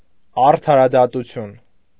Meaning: justice (the civil power dealing with law)
- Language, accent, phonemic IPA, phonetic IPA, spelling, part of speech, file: Armenian, Eastern Armenian, /ɑɾtʰɑɾɑdɑtuˈtʰjun/, [ɑɾtʰɑɾɑdɑtut͡sʰjún], արդարադատություն, noun, Hy-արդարադատություն.ogg